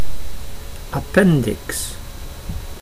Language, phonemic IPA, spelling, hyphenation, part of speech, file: Dutch, /ˌɑˈpɛn.dɪks/, appendix, ap‧pen‧dix, noun, Nl-appendix.ogg
- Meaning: 1. an appendix, a section appended to the main body of a text or publication with peripheral information 2. a vermiform appendix 3. the appendix of a balloon